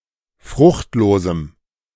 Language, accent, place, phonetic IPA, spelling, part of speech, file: German, Germany, Berlin, [ˈfʁʊxtˌloːzm̩], fruchtlosem, adjective, De-fruchtlosem.ogg
- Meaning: strong dative masculine/neuter singular of fruchtlos